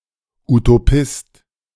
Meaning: utopian
- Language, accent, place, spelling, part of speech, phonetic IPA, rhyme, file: German, Germany, Berlin, Utopist, noun, [utoˈpɪst], -ɪst, De-Utopist.ogg